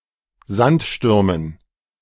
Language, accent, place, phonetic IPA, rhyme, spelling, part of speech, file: German, Germany, Berlin, [ˈzantˌʃtʏʁmən], -antʃtʏʁmən, Sandstürmen, noun, De-Sandstürmen.ogg
- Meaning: dative plural of Sandsturm